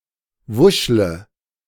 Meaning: inflection of wuscheln: 1. first-person singular present 2. first/third-person singular subjunctive I 3. singular imperative
- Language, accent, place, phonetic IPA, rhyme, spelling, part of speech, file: German, Germany, Berlin, [ˈvʊʃlə], -ʊʃlə, wuschle, verb, De-wuschle.ogg